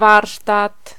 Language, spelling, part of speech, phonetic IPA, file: Polish, warsztat, noun, [ˈvarʃtat], Pl-warsztat.ogg